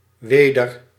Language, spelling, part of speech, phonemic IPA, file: Dutch, weder, noun / adverb, /ˈwedər/, Nl-weder.ogg
- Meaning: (adverb) alternative form of weer (“again”); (noun) 1. dated form of weer (“weather”) 2. archaic form of weer (“wether”)